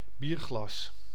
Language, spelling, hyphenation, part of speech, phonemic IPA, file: Dutch, bierglas, bier‧glas, noun, /ˈbir.ɣlɑs/, Nl-bierglas.ogg
- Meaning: beer glass